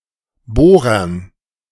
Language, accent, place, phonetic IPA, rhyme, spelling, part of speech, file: German, Germany, Berlin, [ˈboːʁɐn], -oːʁɐn, Bohrern, noun, De-Bohrern.ogg
- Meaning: dative plural of Bohrer